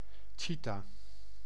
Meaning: cheetah (Acinonyx jubatus)
- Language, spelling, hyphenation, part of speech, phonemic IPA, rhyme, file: Dutch, cheeta, chee‧ta, noun, /ˈtʃi.taː/, -itaː, Nl-cheeta.ogg